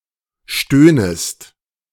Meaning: second-person singular subjunctive I of stöhnen
- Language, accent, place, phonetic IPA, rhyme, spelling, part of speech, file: German, Germany, Berlin, [ˈʃtøːnəst], -øːnəst, stöhnest, verb, De-stöhnest.ogg